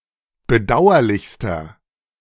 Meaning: inflection of bedauerlich: 1. strong/mixed nominative masculine singular superlative degree 2. strong genitive/dative feminine singular superlative degree 3. strong genitive plural superlative degree
- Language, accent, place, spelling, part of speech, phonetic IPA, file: German, Germany, Berlin, bedauerlichster, adjective, [bəˈdaʊ̯ɐlɪçstɐ], De-bedauerlichster.ogg